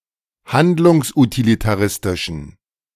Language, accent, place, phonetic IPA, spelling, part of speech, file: German, Germany, Berlin, [ˈhandlʊŋsʔutilitaˌʁɪstɪʃn̩], handlungsutilitaristischen, adjective, De-handlungsutilitaristischen.ogg
- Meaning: inflection of handlungsutilitaristisch: 1. strong genitive masculine/neuter singular 2. weak/mixed genitive/dative all-gender singular 3. strong/weak/mixed accusative masculine singular